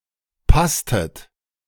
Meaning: inflection of passen: 1. second-person plural preterite 2. second-person plural subjunctive II
- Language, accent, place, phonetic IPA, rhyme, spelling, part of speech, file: German, Germany, Berlin, [ˈpastət], -astət, passtet, verb, De-passtet.ogg